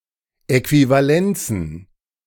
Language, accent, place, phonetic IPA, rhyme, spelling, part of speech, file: German, Germany, Berlin, [ˌɛkvivaˈlɛnt͡sn̩], -ɛnt͡sn̩, Äquivalenzen, noun, De-Äquivalenzen.ogg
- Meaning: plural of Äquivalenz